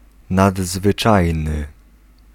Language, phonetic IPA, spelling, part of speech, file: Polish, [ˌnadzvɨˈt͡ʃajnɨ], nadzwyczajny, adjective, Pl-nadzwyczajny.ogg